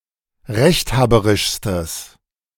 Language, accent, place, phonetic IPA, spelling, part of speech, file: German, Germany, Berlin, [ˈʁɛçtˌhaːbəʁɪʃstəs], rechthaberischstes, adjective, De-rechthaberischstes.ogg
- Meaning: strong/mixed nominative/accusative neuter singular superlative degree of rechthaberisch